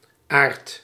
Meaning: a diminutive of the male given name Arnoud
- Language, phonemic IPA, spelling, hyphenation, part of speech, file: Dutch, /aːrt/, Aart, Aart, proper noun, Nl-Aart.ogg